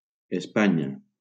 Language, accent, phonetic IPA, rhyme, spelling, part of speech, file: Catalan, Valencia, [esˈpa.ɲa], -aɲa, Espanya, proper noun, LL-Q7026 (cat)-Espanya.wav
- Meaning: Spain (a country in Southern Europe, including most of the Iberian peninsula)